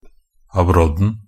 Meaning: definite singular of abrodd
- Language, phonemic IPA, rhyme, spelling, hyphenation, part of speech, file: Norwegian Bokmål, /aˈbrɔdːn̩/, -ɔdːn̩, abrodden, ab‧rodd‧en, noun, NB - Pronunciation of Norwegian Bokmål «abrodden».ogg